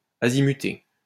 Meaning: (verb) past participle of azimuter; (adjective) insane
- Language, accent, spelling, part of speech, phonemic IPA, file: French, France, azimuté, verb / adjective, /a.zi.my.te/, LL-Q150 (fra)-azimuté.wav